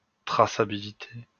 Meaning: traceability
- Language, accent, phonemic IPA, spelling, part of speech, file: French, France, /tʁa.sa.bi.li.te/, traçabilité, noun, LL-Q150 (fra)-traçabilité.wav